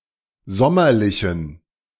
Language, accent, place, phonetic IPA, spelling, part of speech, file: German, Germany, Berlin, [ˈzɔmɐlɪçn̩], sommerlichen, adjective, De-sommerlichen.ogg
- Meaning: inflection of sommerlich: 1. strong genitive masculine/neuter singular 2. weak/mixed genitive/dative all-gender singular 3. strong/weak/mixed accusative masculine singular 4. strong dative plural